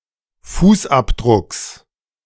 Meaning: genitive singular of Fußabdruck
- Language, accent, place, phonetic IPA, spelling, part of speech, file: German, Germany, Berlin, [ˈfuːsˌʔapdʁʊks], Fußabdrucks, noun, De-Fußabdrucks.ogg